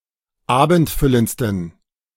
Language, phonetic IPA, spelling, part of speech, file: German, [ˈaːbn̩tˌfʏlənt͡stn̩], abendfüllendsten, adjective, De-abendfüllendsten.oga
- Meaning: 1. superlative degree of abendfüllend 2. inflection of abendfüllend: strong genitive masculine/neuter singular superlative degree